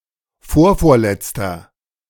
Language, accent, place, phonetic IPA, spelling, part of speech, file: German, Germany, Berlin, [ˈfoːɐ̯foːɐ̯ˌlɛt͡stɐ], vorvorletzter, adjective, De-vorvorletzter.ogg
- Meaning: inflection of vorvorletzt: 1. strong/mixed nominative masculine singular 2. strong genitive/dative feminine singular 3. strong genitive plural